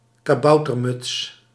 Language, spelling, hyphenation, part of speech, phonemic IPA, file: Dutch, kaboutermuts, ka‧bou‧ter‧muts, noun, /kaːˈbɑu̯.tərˌmʏts/, Nl-kaboutermuts.ogg
- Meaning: hat of a kabouter, a (usually red) conical hat (resembling a Phrygian cap or a wizard's hat)